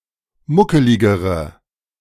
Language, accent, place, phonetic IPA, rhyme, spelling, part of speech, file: German, Germany, Berlin, [ˈmʊkəlɪɡəʁə], -ʊkəlɪɡəʁə, muckeligere, adjective, De-muckeligere.ogg
- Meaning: inflection of muckelig: 1. strong/mixed nominative/accusative feminine singular comparative degree 2. strong nominative/accusative plural comparative degree